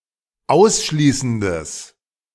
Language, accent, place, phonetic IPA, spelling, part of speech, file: German, Germany, Berlin, [ˈaʊ̯sˌʃliːsn̩dəs], ausschließendes, adjective, De-ausschließendes.ogg
- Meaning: strong/mixed nominative/accusative neuter singular of ausschließend